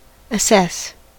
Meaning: 1. To determine, estimate or judge the value of; to evaluate; to estimate 2. To impose or charge, especially as punishment for an infraction
- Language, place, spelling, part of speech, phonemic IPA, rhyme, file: English, California, assess, verb, /əˈsɛs/, -ɛs, En-us-assess.ogg